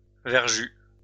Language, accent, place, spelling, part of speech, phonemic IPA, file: French, France, Lyon, verjus, noun, /vɛʁ.ʒy/, LL-Q150 (fra)-verjus.wav
- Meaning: 1. verjuice 2. wine which is too green